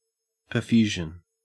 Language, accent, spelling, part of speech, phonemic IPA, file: English, Australia, perfusion, noun, /pəɹˈfjuʒən/, En-au-perfusion.ogg
- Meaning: 1. The act of perfusing, the passage of fluid through the circulatory system 2. The introduction of a drug or nutrients through the bloodstream in order to reach an internal organ or tissues